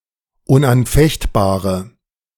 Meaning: inflection of unanfechtbar: 1. strong/mixed nominative/accusative feminine singular 2. strong nominative/accusative plural 3. weak nominative all-gender singular
- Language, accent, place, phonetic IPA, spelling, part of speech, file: German, Germany, Berlin, [ʊnʔanˈfɛçtˌbaːʁə], unanfechtbare, adjective, De-unanfechtbare.ogg